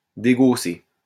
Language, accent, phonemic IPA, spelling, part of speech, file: French, France, /de.ɡo.se/, dégausser, verb, LL-Q150 (fra)-dégausser.wav
- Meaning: to degauss